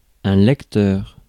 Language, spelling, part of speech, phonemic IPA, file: French, lecteur, noun, /lɛk.tœʁ/, Fr-lecteur.ogg
- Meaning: 1. reader 2. drive, disk drive